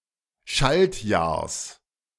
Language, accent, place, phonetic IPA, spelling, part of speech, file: German, Germany, Berlin, [ˈʃaltˌjaːɐ̯s], Schaltjahrs, noun, De-Schaltjahrs.ogg
- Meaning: genitive singular of Schaltjahr